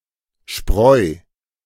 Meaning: chaff (inedible parts of grain plant)
- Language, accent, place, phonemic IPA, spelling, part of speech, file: German, Germany, Berlin, /ʃpʁɔɪ̯/, Spreu, noun, De-Spreu.ogg